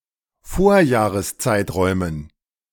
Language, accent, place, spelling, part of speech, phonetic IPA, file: German, Germany, Berlin, Vorjahreszeiträumen, noun, [ˈfoːɐ̯jaːʁəsˌt͡saɪ̯tʁɔɪ̯mən], De-Vorjahreszeiträumen.ogg
- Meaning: dative plural of Vorjahreszeitraum